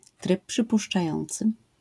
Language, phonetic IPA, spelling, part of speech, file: Polish, [ˈtrɨp ˌːʃɨpuʃt͡ʃaˈjɔ̃nt͡sɨ], tryb przypuszczający, noun, LL-Q809 (pol)-tryb przypuszczający.wav